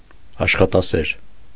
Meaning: industrious, diligent; hard-working; assiduous
- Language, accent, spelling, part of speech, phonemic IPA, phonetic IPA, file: Armenian, Eastern Armenian, աշխատասեր, adjective, /ɑʃχɑtɑˈseɾ/, [ɑʃχɑtɑséɾ], Hy-աշխատասեր .ogg